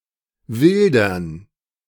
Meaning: to poach
- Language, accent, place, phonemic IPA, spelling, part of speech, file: German, Germany, Berlin, /ˈvɪldɐn/, wildern, verb, De-wildern.ogg